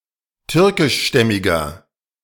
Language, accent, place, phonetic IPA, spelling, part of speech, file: German, Germany, Berlin, [ˈtʏʁkɪʃˌʃtɛmɪɡɐ], türkischstämmiger, adjective, De-türkischstämmiger.ogg
- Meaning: inflection of türkischstämmig: 1. strong/mixed nominative masculine singular 2. strong genitive/dative feminine singular 3. strong genitive plural